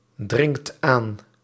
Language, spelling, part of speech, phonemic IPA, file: Dutch, dringt aan, verb, /ˈdrɪŋt ˈan/, Nl-dringt aan.ogg
- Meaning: inflection of aandringen: 1. second/third-person singular present indicative 2. plural imperative